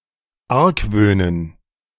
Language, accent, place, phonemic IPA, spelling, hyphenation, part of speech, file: German, Germany, Berlin, /ˈaʁkˌvøːnən/, argwöhnen, arg‧wöh‧nen, verb, De-argwöhnen.ogg
- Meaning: to suspect